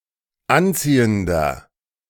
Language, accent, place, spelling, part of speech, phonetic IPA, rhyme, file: German, Germany, Berlin, anziehender, adjective, [ˈanˌt͡siːəndɐ], -ant͡siːəndɐ, De-anziehender.ogg
- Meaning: inflection of anziehend: 1. strong/mixed nominative masculine singular 2. strong genitive/dative feminine singular 3. strong genitive plural